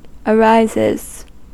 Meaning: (verb) third-person singular simple present indicative of arise; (noun) plural of arise
- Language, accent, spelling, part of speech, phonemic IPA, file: English, US, arises, verb / noun, /əˈɹaɪzɪz/, En-us-arises.ogg